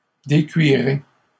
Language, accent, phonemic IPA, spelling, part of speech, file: French, Canada, /de.kɥi.ʁe/, décuirez, verb, LL-Q150 (fra)-décuirez.wav
- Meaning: second-person plural future of décuire